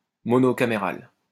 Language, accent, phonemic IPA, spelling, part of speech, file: French, France, /mɔ.nɔ.ka.me.ʁal/, monocaméral, adjective, LL-Q150 (fra)-monocaméral.wav
- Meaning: unicameral